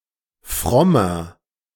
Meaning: 1. comparative degree of fromm 2. inflection of fromm: strong/mixed nominative masculine singular 3. inflection of fromm: strong genitive/dative feminine singular
- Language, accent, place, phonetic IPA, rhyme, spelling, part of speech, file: German, Germany, Berlin, [ˈfʁɔmɐ], -ɔmɐ, frommer, adjective, De-frommer.ogg